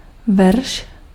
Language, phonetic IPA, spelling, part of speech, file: Czech, [ˈvɛrʃ], verš, noun, Cs-verš.ogg
- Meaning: verse